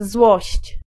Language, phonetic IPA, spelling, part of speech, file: Polish, [zwɔɕt͡ɕ], złość, noun / verb, Pl-złość.ogg